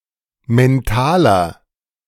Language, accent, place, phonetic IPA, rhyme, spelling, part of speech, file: German, Germany, Berlin, [mɛnˈtaːlɐ], -aːlɐ, mentaler, adjective, De-mentaler.ogg
- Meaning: inflection of mental: 1. strong/mixed nominative masculine singular 2. strong genitive/dative feminine singular 3. strong genitive plural